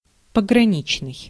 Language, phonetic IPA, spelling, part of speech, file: Russian, [pəɡrɐˈnʲit͡ɕnɨj], пограничный, adjective, Ru-пограничный.ogg
- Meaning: frontier, boundary, border